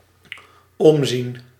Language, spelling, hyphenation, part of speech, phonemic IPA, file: Dutch, omzien, omzien, verb, /ˈɔm.zin/, Nl-omzien.ogg
- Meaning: 1. to look back 2. to look after (to care for/about) 3. to look around